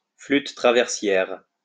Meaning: 1. side-blown flute, transverse flute (any type of flute that is held sideways when played) 2. Western concert flute
- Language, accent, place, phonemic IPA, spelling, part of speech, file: French, France, Lyon, /flyt tʁa.vɛʁ.sjɛʁ/, flûte traversière, noun, LL-Q150 (fra)-flûte traversière.wav